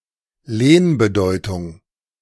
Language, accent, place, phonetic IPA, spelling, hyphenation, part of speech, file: German, Germany, Berlin, [ˈleːn.bəˌdɔɪ̯.tʊŋ], Lehnbedeutung, Lehn‧be‧deu‧tung, noun, De-Lehnbedeutung.ogg
- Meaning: loan meaning